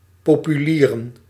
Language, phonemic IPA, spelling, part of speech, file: Dutch, /popyˈlirə(n)/, populieren, adjective / noun, Nl-populieren.ogg
- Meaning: plural of populier